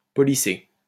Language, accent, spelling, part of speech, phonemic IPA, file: French, France, policé, adjective / verb, /pɔ.li.se/, LL-Q150 (fra)-policé.wav
- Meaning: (adjective) Civilized, refined; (verb) past participle of policer